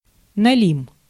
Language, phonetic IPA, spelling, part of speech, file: Russian, [nɐˈlʲim], налим, noun, Ru-налим.ogg
- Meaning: burbot, eel-pot